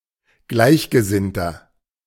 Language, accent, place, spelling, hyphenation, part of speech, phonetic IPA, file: German, Germany, Berlin, Gleichgesinnter, Gleich‧ge‧sinn‧ter, noun, [ˈɡlaɪ̯çɡəˌzɪntɐ], De-Gleichgesinnter.ogg
- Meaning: kindred soul, kindred spirit